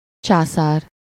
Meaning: emperor
- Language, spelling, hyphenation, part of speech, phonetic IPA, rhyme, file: Hungarian, császár, csá‧szár, noun, [ˈt͡ʃaːsaːr], -aːr, Hu-császár.ogg